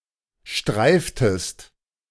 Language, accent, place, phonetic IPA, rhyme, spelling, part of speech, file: German, Germany, Berlin, [ˈʃtʁaɪ̯ftəst], -aɪ̯ftəst, streiftest, verb, De-streiftest.ogg
- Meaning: inflection of streifen: 1. second-person singular preterite 2. second-person singular subjunctive II